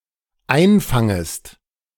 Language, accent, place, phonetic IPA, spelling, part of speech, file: German, Germany, Berlin, [ˈaɪ̯nˌfaŋəst], einfangest, verb, De-einfangest.ogg
- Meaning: second-person singular dependent subjunctive I of einfangen